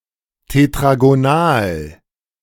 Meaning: tetragonal
- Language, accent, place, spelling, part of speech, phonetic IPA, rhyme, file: German, Germany, Berlin, tetragonal, adjective, [tetʁaɡoˈnaːl], -aːl, De-tetragonal.ogg